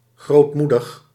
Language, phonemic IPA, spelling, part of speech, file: Dutch, /ɣrotˈmudəx/, grootmoedig, adjective, Nl-grootmoedig.ogg
- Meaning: magnanimous